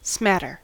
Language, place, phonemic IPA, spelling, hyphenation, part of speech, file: English, California, /ˈsmætəɹ/, smatter, smat‧ter, verb / noun, En-us-smatter.ogg
- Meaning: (verb) 1. To make (someone or something) dirty; to bespatter, to soil 2. To hit (someone or something) with a liquid; to splash, to spatter